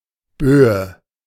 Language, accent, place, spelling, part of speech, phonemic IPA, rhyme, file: German, Germany, Berlin, Böe, noun, /ˈbøːə/, -øːə, De-Böe.ogg
- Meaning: alternative form of Bö